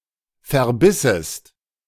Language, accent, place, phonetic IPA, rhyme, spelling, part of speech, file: German, Germany, Berlin, [fɛɐ̯ˈbɪsəst], -ɪsəst, verbissest, verb, De-verbissest.ogg
- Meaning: second-person singular subjunctive II of verbeißen